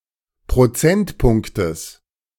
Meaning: genitive singular of Prozentpunkt
- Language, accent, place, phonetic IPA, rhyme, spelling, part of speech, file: German, Germany, Berlin, [pʁoˈt͡sɛntˌpʊŋktəs], -ɛntpʊŋktəs, Prozentpunktes, noun, De-Prozentpunktes.ogg